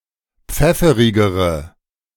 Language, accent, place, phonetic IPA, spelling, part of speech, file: German, Germany, Berlin, [ˈp͡fɛfəʁɪɡəʁə], pfefferigere, adjective, De-pfefferigere.ogg
- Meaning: inflection of pfefferig: 1. strong/mixed nominative/accusative feminine singular comparative degree 2. strong nominative/accusative plural comparative degree